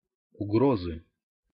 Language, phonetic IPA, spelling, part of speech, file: Russian, [ʊˈɡrozɨ], угрозы, noun, Ru-угрозы.ogg
- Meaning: inflection of угро́за (ugróza): 1. genitive singular 2. nominative/accusative plural